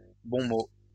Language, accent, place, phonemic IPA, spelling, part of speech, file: French, France, Lyon, /bɔ̃ mo/, bon mot, noun, LL-Q150 (fra)-bon mot.wav
- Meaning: 1. bon mot (clever saying, phrase, or witticism) 2. Used other than figuratively or idiomatically: see bon, mot